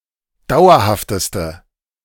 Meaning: inflection of dauerhaft: 1. strong/mixed nominative/accusative feminine singular superlative degree 2. strong nominative/accusative plural superlative degree
- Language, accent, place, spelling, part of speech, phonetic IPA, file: German, Germany, Berlin, dauerhafteste, adjective, [ˈdaʊ̯ɐhaftəstə], De-dauerhafteste.ogg